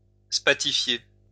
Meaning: to turn into spar
- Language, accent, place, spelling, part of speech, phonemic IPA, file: French, France, Lyon, spathifier, verb, /spa.ti.fje/, LL-Q150 (fra)-spathifier.wav